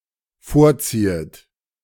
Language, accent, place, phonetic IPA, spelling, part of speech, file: German, Germany, Berlin, [ˈfoːɐ̯ˌt͡siːət], vorziehet, verb, De-vorziehet.ogg
- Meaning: second-person plural dependent subjunctive I of vorziehen